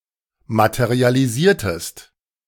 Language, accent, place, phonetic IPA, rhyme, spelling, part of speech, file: German, Germany, Berlin, [ˌmatəʁialiˈziːɐ̯təst], -iːɐ̯təst, materialisiertest, verb, De-materialisiertest.ogg
- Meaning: inflection of materialisieren: 1. second-person singular preterite 2. second-person singular subjunctive II